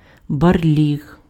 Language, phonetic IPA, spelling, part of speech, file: Ukrainian, [bɐrˈlʲiɦ], барліг, noun, Uk-барліг.ogg
- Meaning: 1. bear's lair, bear den 2. dirty, messy housing 3. mess 4. muddy puddle